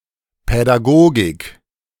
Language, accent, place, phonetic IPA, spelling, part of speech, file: German, Germany, Berlin, [pɛdaˈɡoːɡɪk], Pädagogik, noun, De-Pädagogik.ogg
- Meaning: pedagogy